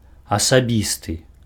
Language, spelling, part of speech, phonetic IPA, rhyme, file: Belarusian, асабісты, adjective, [asaˈbʲistɨ], -istɨ, Be-асабісты.ogg
- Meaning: personal